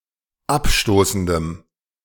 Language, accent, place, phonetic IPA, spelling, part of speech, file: German, Germany, Berlin, [ˈapˌʃtoːsn̩dəm], abstoßendem, adjective, De-abstoßendem.ogg
- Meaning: strong dative masculine/neuter singular of abstoßend